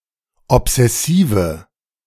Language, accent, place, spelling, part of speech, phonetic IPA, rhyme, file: German, Germany, Berlin, obsessive, adjective, [ɔpz̥ɛˈsiːvə], -iːvə, De-obsessive.ogg
- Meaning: inflection of obsessiv: 1. strong/mixed nominative/accusative feminine singular 2. strong nominative/accusative plural 3. weak nominative all-gender singular